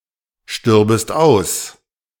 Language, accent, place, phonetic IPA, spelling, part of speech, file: German, Germany, Berlin, [ˌʃtʏʁbəst ˈaʊ̯s], stürbest aus, verb, De-stürbest aus.ogg
- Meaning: second-person singular subjunctive II of aussterben